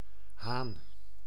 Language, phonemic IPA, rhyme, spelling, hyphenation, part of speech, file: Dutch, /ɦaːn/, -aːn, haan, haan, noun, Nl-haan.ogg
- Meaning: 1. a cock, a rooster (male chicken) 2. the male of various other species of gallinaceous birds 3. an object resembling or depicting a cock 4. the lock or hammer of an older type of firearm